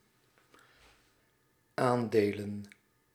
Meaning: plural of aandeel
- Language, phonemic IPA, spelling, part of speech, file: Dutch, /ˈandelə(n)/, aandelen, noun, Nl-aandelen.ogg